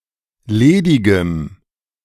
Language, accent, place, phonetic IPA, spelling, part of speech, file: German, Germany, Berlin, [ˈleːdɪɡəm], ledigem, adjective, De-ledigem.ogg
- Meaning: strong dative masculine/neuter singular of ledig